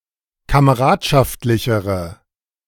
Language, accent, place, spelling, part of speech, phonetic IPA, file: German, Germany, Berlin, kameradschaftlichere, adjective, [kaməˈʁaːtʃaftlɪçəʁə], De-kameradschaftlichere.ogg
- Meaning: inflection of kameradschaftlich: 1. strong/mixed nominative/accusative feminine singular comparative degree 2. strong nominative/accusative plural comparative degree